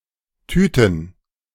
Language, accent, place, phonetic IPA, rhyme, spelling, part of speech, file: German, Germany, Berlin, [ˈtyːtn̩], -yːtn̩, Tüten, noun, De-Tüten.ogg
- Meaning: plural of Tüte